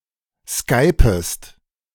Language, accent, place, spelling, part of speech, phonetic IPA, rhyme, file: German, Germany, Berlin, skypest, verb, [ˈskaɪ̯pəst], -aɪ̯pəst, De-skypest.ogg
- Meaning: second-person singular subjunctive I of skypen